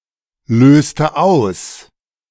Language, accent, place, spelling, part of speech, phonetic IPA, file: German, Germany, Berlin, löste aus, verb, [ˌløːstə ˈaʊ̯s], De-löste aus.ogg
- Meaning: inflection of auslösen: 1. first/third-person singular preterite 2. first/third-person singular subjunctive II